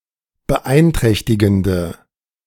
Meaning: inflection of beeinträchtigend: 1. strong/mixed nominative/accusative feminine singular 2. strong nominative/accusative plural 3. weak nominative all-gender singular
- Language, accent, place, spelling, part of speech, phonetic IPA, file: German, Germany, Berlin, beeinträchtigende, adjective, [bəˈʔaɪ̯nˌtʁɛçtɪɡn̩də], De-beeinträchtigende.ogg